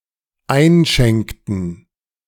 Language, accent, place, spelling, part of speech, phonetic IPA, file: German, Germany, Berlin, einschenkten, verb, [ˈaɪ̯nˌʃɛŋktn̩], De-einschenkten.ogg
- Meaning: inflection of einschenken: 1. first/third-person plural dependent preterite 2. first/third-person plural dependent subjunctive II